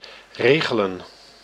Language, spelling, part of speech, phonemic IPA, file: Dutch, regelen, verb / noun, /ˈreː.ɣə.lə(n)/, Nl-regelen.ogg
- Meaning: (verb) 1. to regulate, to control 2. to arrange; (noun) plural of regel